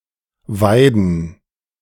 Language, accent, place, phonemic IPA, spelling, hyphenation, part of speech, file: German, Germany, Berlin, /ˈvaɪdn̩/, weiden, wei‧den, verb, De-weiden.ogg
- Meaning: 1. to browse, to graze 2. to gloat